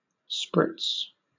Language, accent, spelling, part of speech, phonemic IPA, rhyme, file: English, Southern England, sprits, noun, /spɹɪts/, -ɪts, LL-Q1860 (eng)-sprits.wav
- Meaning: plural of sprit